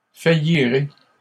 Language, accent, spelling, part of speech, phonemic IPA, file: French, Canada, faillirez, verb, /fa.ji.ʁe/, LL-Q150 (fra)-faillirez.wav
- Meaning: second-person plural simple future of faillir